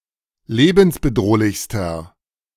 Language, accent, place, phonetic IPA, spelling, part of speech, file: German, Germany, Berlin, [ˈleːbn̩sbəˌdʁoːlɪçstɐ], lebensbedrohlichster, adjective, De-lebensbedrohlichster.ogg
- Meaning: inflection of lebensbedrohlich: 1. strong/mixed nominative masculine singular superlative degree 2. strong genitive/dative feminine singular superlative degree